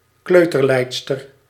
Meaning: a female kindergarten teacher
- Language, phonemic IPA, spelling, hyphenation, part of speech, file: Dutch, /ˈkløː.tərˌlɛi̯t.stər/, kleuterleidster, kleu‧ter‧leid‧ster, noun, Nl-kleuterleidster.ogg